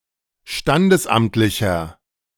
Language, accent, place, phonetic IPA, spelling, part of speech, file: German, Germany, Berlin, [ˈʃtandəsˌʔamtlɪçɐ], standesamtlicher, adjective, De-standesamtlicher.ogg
- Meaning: inflection of standesamtlich: 1. strong/mixed nominative masculine singular 2. strong genitive/dative feminine singular 3. strong genitive plural